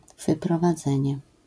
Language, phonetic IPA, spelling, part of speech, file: Polish, [ˌvɨprɔvaˈd͡zɛ̃ɲɛ], wyprowadzenie, noun, LL-Q809 (pol)-wyprowadzenie.wav